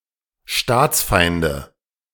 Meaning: 1. nominative/accusative/genitive plural of Staatsfeind 2. dative of Staatsfeind
- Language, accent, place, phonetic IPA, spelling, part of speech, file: German, Germany, Berlin, [ˈʃtaːt͡sˌfaɪ̯ndə], Staatsfeinde, noun, De-Staatsfeinde.ogg